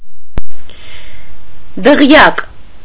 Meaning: 1. castle 2. palace 3. luxurious mansion of a rich man
- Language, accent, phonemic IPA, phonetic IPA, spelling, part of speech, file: Armenian, Eastern Armenian, /dəˈʁjɑk/, [dəʁjɑ́k], դղյակ, noun, Hy-դղյակ.ogg